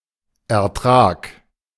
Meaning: yield (quantity of something produced)
- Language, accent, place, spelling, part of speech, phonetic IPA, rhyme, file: German, Germany, Berlin, Ertrag, noun, [ɛɐ̯ˈtʁaːk], -aːk, De-Ertrag.ogg